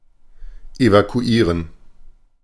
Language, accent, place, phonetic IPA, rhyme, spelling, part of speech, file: German, Germany, Berlin, [evakuˈiːʁən], -iːʁən, evakuieren, verb, De-evakuieren.ogg
- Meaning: to evacuate